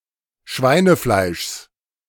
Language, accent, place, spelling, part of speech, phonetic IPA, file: German, Germany, Berlin, Schweinefleischs, noun, [ˈʃvaɪ̯nəˌflaɪ̯ʃs], De-Schweinefleischs.ogg
- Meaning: genitive singular of Schweinefleisch